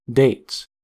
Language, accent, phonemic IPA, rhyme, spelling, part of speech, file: English, US, /deɪts/, -eɪts, dates, noun / verb, En-us-dates.ogg
- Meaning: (noun) plural of date; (verb) third-person singular simple present indicative of date